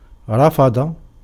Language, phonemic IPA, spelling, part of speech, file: Arabic, /ra.fa.dˤa/, رفض, verb, Ar-رفض.ogg
- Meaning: to reject, to refuse, to decline, to deny